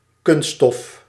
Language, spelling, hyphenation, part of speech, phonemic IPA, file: Dutch, kunststof, kunst‧stof, noun, /ˈkʏn.stɔf/, Nl-kunststof.ogg
- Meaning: 1. synthetic material; any material made artificially, through chemical means 2. plastic